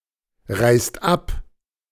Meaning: inflection of abreisen: 1. second/third-person singular present 2. second-person plural present 3. plural imperative
- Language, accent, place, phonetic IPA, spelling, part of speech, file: German, Germany, Berlin, [ˌʁaɪ̯st ˈap], reist ab, verb, De-reist ab.ogg